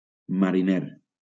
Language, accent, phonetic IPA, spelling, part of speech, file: Catalan, Valencia, [ma.ɾiˈneɾ], mariner, adjective / noun, LL-Q7026 (cat)-mariner.wav
- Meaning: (adjective) 1. marine, sea 2. seafaring 3. seaworthy; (noun) sailor, seaman